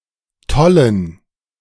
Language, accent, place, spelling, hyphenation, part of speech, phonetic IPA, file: German, Germany, Berlin, Tollen, Tol‧len, noun, [ˈtɔlən], De-Tollen.ogg
- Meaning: 1. gerund of tollen 2. plural of Tolle